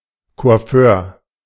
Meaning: hairdresser; barber
- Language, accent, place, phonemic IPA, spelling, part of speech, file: German, Germany, Berlin, /ko̯aˈføːr/, Coiffeur, noun, De-Coiffeur.ogg